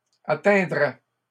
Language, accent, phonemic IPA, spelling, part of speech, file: French, Canada, /a.tɛ̃.dʁɛ/, atteindraient, verb, LL-Q150 (fra)-atteindraient.wav
- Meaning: third-person plural conditional of atteindre